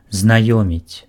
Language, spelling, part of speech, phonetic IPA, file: Belarusian, знаёміць, verb, [znaˈjomʲit͡sʲ], Be-знаёміць.ogg
- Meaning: to acquaint, to introduce